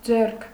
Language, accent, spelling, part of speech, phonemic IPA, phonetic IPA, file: Armenian, Eastern Armenian, ձեռք, noun, /d͡zerkʰ/, [d͡zerkʰ], Hy-ձեռք.ogg
- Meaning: 1. hand; arm 2. writing, handwriting